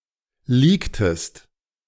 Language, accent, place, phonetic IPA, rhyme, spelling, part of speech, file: German, Germany, Berlin, [ˈliːktəst], -iːktəst, leaktest, verb, De-leaktest.ogg
- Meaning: inflection of leaken: 1. second-person singular preterite 2. second-person singular subjunctive II